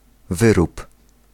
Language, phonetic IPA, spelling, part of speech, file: Polish, [ˈvɨrup], wyrób, noun / verb, Pl-wyrób.ogg